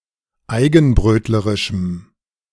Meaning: strong dative masculine/neuter singular of eigenbrötlerisch
- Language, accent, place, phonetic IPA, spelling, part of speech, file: German, Germany, Berlin, [ˈaɪ̯ɡn̩ˌbʁøːtləʁɪʃm̩], eigenbrötlerischem, adjective, De-eigenbrötlerischem.ogg